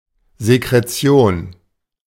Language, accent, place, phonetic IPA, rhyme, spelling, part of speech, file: German, Germany, Berlin, [zekʁeˈt͡si̯oːn], -oːn, Sekretion, noun, De-Sekretion.ogg
- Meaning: secretion